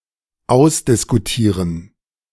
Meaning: to talk out
- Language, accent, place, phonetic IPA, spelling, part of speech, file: German, Germany, Berlin, [ˈaʊ̯sdɪskuˌtiːʁən], ausdiskutieren, verb, De-ausdiskutieren.ogg